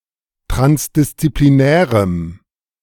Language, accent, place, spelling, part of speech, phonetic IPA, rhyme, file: German, Germany, Berlin, transdisziplinärem, adjective, [ˌtʁansdɪst͡sipliˈnɛːʁəm], -ɛːʁəm, De-transdisziplinärem.ogg
- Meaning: strong dative masculine/neuter singular of transdisziplinär